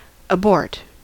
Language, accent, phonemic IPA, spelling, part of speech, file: English, US, /əˈbɔɹt/, abort, noun / verb, En-us-abort.ogg
- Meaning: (noun) 1. An early termination of a mission, action, or procedure in relation to missiles or spacecraft; the craft making such a mission 2. The function used to abort a process